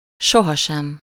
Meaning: never, never ever
- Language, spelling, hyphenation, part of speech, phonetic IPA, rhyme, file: Hungarian, sohasem, so‧ha‧sem, adverb, [ˈʃoɦɒʃɛm], -ɛm, Hu-sohasem.ogg